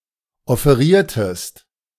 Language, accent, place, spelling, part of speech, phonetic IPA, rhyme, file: German, Germany, Berlin, offeriertest, verb, [ɔfeˈʁiːɐ̯təst], -iːɐ̯təst, De-offeriertest.ogg
- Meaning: inflection of offerieren: 1. second-person singular preterite 2. second-person singular subjunctive II